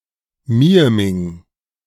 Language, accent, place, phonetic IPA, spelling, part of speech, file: German, Germany, Berlin, [ˈmiə̯mɪŋ], Mieming, proper noun, De-Mieming.ogg
- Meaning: a municipality of Tyrol, Austria